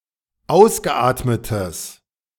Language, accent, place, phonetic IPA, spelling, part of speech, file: German, Germany, Berlin, [ˈaʊ̯sɡəˌʔaːtmətəs], ausgeatmetes, adjective, De-ausgeatmetes.ogg
- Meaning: strong/mixed nominative/accusative neuter singular of ausgeatmet